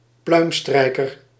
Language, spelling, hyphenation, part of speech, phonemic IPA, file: Dutch, pluimstrijker, pluim‧strij‧ker, noun, /ˈplœy̯mˌstrɛi̯.kər/, Nl-pluimstrijker.ogg
- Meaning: a sycophant, a fawner